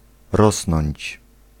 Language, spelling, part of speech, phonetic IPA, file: Polish, rosnąć, verb, [ˈrɔsnɔ̃ɲt͡ɕ], Pl-rosnąć.ogg